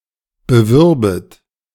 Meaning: second-person plural subjunctive II of bewerben
- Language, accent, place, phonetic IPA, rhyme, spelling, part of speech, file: German, Germany, Berlin, [bəˈvʏʁbət], -ʏʁbət, bewürbet, verb, De-bewürbet.ogg